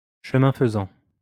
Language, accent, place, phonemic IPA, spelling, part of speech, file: French, France, Lyon, /ʃə.mɛ̃ f(ə).zɑ̃/, chemin faisant, adverb, LL-Q150 (fra)-chemin faisant.wav
- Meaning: on the way